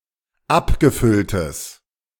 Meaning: strong/mixed nominative/accusative neuter singular of abgefüllt
- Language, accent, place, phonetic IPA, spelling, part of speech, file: German, Germany, Berlin, [ˈapɡəˌfʏltəs], abgefülltes, adjective, De-abgefülltes.ogg